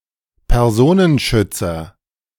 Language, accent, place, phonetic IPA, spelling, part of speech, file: German, Germany, Berlin, [pɛʁˈzoːnənˌʃʏt͡sɐ], Personenschützer, noun, De-Personenschützer.ogg
- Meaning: bodyguard (male or of unspecified gender)